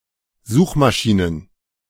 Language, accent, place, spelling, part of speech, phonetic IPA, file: German, Germany, Berlin, Suchmaschinen, noun, [ˈzuːxmaˌʃiːnən], De-Suchmaschinen.ogg
- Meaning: plural of Suchmaschine